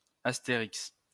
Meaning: Asterix (the comic character)
- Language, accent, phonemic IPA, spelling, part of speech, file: French, France, /as.te.ʁiks/, Astérix, proper noun, LL-Q150 (fra)-Astérix.wav